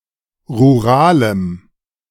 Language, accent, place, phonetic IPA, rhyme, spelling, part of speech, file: German, Germany, Berlin, [ʁuˈʁaːləm], -aːləm, ruralem, adjective, De-ruralem.ogg
- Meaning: strong dative masculine/neuter singular of rural